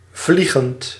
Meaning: present participle of vliegen
- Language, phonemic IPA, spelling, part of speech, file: Dutch, /ˈvli.ɣənt/, vliegend, verb, Nl-vliegend.ogg